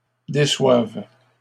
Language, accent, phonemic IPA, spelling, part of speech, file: French, Canada, /de.swav/, déçoives, verb, LL-Q150 (fra)-déçoives.wav
- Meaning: second-person singular present subjunctive of décevoir